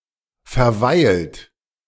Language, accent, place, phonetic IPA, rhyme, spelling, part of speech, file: German, Germany, Berlin, [fɛɐ̯ˈvaɪ̯lt], -aɪ̯lt, verweilt, verb, De-verweilt.ogg
- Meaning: 1. past participle of verweilen 2. inflection of verweilen: second-person plural present 3. inflection of verweilen: third-person singular present 4. inflection of verweilen: plural imperative